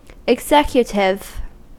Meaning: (adjective) 1. Designed or fitted for execution, or carrying into effect 2. Of, pertaining to, or having responsibility for the day-to-day running of an organisation, business, country, etc
- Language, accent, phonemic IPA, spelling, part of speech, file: English, US, /ɪɡˈzɛkjətɪv/, executive, adjective / noun, En-us-executive.ogg